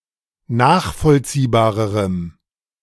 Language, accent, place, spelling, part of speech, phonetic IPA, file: German, Germany, Berlin, nachvollziehbarerem, adjective, [ˈnaːxfɔlt͡siːbaːʁəʁəm], De-nachvollziehbarerem.ogg
- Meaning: strong dative masculine/neuter singular comparative degree of nachvollziehbar